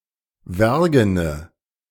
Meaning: inflection of wergen: 1. strong/mixed nominative/accusative feminine singular 2. strong nominative/accusative plural 3. weak nominative all-gender singular 4. weak accusative feminine/neuter singular
- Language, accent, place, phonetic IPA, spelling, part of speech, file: German, Germany, Berlin, [ˈvɛʁɡənə], wergene, adjective, De-wergene.ogg